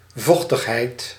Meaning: moistness, humidity, moisture
- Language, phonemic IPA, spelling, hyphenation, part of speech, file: Dutch, /ˈvɔx.təxˌɦɛi̯t/, vochtigheid, voch‧tig‧heid, noun, Nl-vochtigheid.ogg